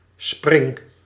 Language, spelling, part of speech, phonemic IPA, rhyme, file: Dutch, spring, verb, /sprɪŋ/, -ɪŋ, Nl-spring.ogg
- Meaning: inflection of springen: 1. first-person singular present indicative 2. second-person singular present indicative 3. imperative